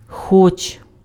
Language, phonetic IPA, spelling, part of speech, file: Ukrainian, [xɔt͡ʃ], хоч, conjunction / particle / verb, Uk-хоч.ogg
- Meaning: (conjunction) 1. although 2. even if; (particle) 1. at least, if only 2. for example, even, you may, might as well; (verb) second-person singular present indicative of хоті́ти impf (xotíty)